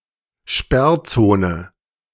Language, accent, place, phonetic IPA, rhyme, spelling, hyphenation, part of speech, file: German, Germany, Berlin, [ˈʃpɛʁˌt͡soːnə], -oːnə, Sperrzone, Sperr‧zo‧ne, noun, De-Sperrzone.ogg
- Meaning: exclusion zone